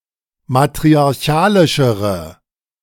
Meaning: inflection of matriarchalisch: 1. strong/mixed nominative/accusative feminine singular comparative degree 2. strong nominative/accusative plural comparative degree
- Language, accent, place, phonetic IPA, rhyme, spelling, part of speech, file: German, Germany, Berlin, [matʁiaʁˈçaːlɪʃəʁə], -aːlɪʃəʁə, matriarchalischere, adjective, De-matriarchalischere.ogg